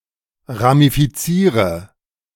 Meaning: inflection of ramifizieren: 1. first-person singular present 2. first/third-person singular subjunctive I 3. singular imperative
- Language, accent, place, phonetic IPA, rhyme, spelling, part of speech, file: German, Germany, Berlin, [ʁamifiˈt͡siːʁə], -iːʁə, ramifiziere, verb, De-ramifiziere.ogg